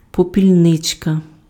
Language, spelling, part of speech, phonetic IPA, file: Ukrainian, попільничка, noun, [pɔpʲilʲˈnɪt͡ʃkɐ], Uk-попільничка.ogg
- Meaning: diminutive of попільни́ця (popilʹnýcja, “ashtray”)